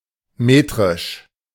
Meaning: 1. metric (relating to metric system) 2. metrical (relating to poetic meter)
- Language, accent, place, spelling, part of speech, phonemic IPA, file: German, Germany, Berlin, metrisch, adjective, /ˈmeːtʁɪʃ/, De-metrisch.ogg